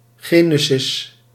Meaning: Genesis (a book of the Hebrew Bible)
- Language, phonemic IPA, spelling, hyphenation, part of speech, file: Dutch, /ˈɣeː.nə.sɪs/, Genesis, Ge‧ne‧sis, proper noun, Nl-Genesis.ogg